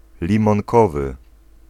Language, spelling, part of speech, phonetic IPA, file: Polish, limonkowy, adjective, [ˌlʲĩmɔ̃ŋˈkɔvɨ], Pl-limonkowy.ogg